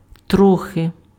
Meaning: 1. a little 2. slightly (to a small extent or degree)
- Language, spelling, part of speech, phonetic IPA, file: Ukrainian, трохи, adverb, [ˈtrɔxe], Uk-трохи.ogg